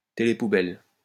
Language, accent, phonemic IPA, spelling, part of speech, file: French, France, /te.le.pu.bɛl/, télé-poubelle, noun, LL-Q150 (fra)-télé-poubelle.wav
- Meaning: trash TV, junk TV